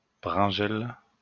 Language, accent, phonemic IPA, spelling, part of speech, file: French, France, /bʁɛ̃.ʒɛl/, bringelle, noun, LL-Q150 (fra)-bringelle.wav
- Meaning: eggplant